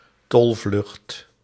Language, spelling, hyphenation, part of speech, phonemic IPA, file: Dutch, tolvlucht, tol‧vlucht, noun, /ˈtɔl.vlʏxt/, Nl-tolvlucht.ogg
- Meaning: tailspin